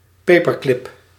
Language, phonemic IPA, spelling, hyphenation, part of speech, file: Dutch, /ˈpeː.pərˌklɪp/, paperclip, pa‧per‧clip, noun, Nl-paperclip.ogg
- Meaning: a paper clip